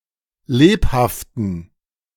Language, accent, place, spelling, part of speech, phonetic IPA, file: German, Germany, Berlin, lebhaften, adjective, [ˈleːphaftn̩], De-lebhaften.ogg
- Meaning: inflection of lebhaft: 1. strong genitive masculine/neuter singular 2. weak/mixed genitive/dative all-gender singular 3. strong/weak/mixed accusative masculine singular 4. strong dative plural